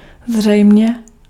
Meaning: apparently (seemingly)
- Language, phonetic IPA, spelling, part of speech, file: Czech, [ˈzr̝ɛjm̩ɲɛ], zřejmě, adverb, Cs-zřejmě.ogg